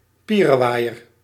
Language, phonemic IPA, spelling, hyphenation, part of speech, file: Dutch, /ˈpi.rə.ʋaːi̯.ər/, pierewaaier, pie‧re‧waai‧er, noun, Nl-pierewaaier.ogg
- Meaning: a superficial person, one who doesn't take things seriously